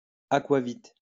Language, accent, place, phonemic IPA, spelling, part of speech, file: French, France, Lyon, /a.kwa.vit/, aquavit, noun, LL-Q150 (fra)-aquavit.wav
- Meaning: aquavit